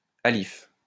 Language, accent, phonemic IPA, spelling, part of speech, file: French, France, /a.lif/, alif, noun, LL-Q150 (fra)-alif.wav
- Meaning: alif (Arabic letter)